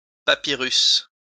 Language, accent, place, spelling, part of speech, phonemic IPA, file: French, France, Lyon, papyrus, noun, /pa.pi.ʁys/, LL-Q150 (fra)-papyrus.wav
- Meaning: papyrus